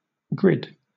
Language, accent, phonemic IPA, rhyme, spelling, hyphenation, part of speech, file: English, Southern England, /ɡɹɪd/, -ɪd, grid, grid, noun / verb, LL-Q1860 (eng)-grid.wav
- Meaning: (noun) 1. A rectangular array of squares or rectangles of equal size, such as in a crossword puzzle 2. A tiling of the plane with regular polygons; a honeycomb